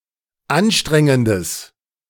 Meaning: strong/mixed nominative/accusative neuter singular of anstrengend
- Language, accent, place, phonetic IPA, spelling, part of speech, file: German, Germany, Berlin, [ˈanˌʃtʁɛŋəndəs], anstrengendes, adjective, De-anstrengendes.ogg